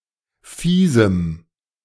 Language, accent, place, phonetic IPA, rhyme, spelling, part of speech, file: German, Germany, Berlin, [fiːzm̩], -iːzm̩, fiesem, adjective, De-fiesem.ogg
- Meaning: strong dative masculine/neuter singular of fies